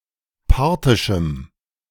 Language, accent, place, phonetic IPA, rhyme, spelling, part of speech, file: German, Germany, Berlin, [ˈpaʁtɪʃm̩], -aʁtɪʃm̩, parthischem, adjective, De-parthischem.ogg
- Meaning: strong dative masculine/neuter singular of parthisch